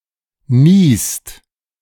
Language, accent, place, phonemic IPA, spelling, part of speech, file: German, Germany, Berlin, /niːst/, niest, verb, De-niest.ogg
- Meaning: inflection of niesen: 1. second/third-person singular present 2. second-person plural present 3. plural imperative